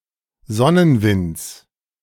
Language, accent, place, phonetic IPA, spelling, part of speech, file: German, Germany, Berlin, [ˈzɔnənˌvɪnt͡s], Sonnenwinds, noun, De-Sonnenwinds.ogg
- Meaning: genitive singular of Sonnenwind